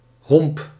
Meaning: gobbet (chunk of food), lump, chunk
- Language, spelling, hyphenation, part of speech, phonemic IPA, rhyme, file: Dutch, homp, homp, noun, /ɦɔmp/, -ɔmp, Nl-homp.ogg